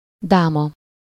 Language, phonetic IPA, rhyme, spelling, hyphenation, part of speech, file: Hungarian, [ˈdaːmɒ], -mɒ, dáma, dá‧ma, noun, Hu-dáma.ogg
- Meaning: 1. lady, gentlewoman 2. queen 3. draughts (UK), checkers (US)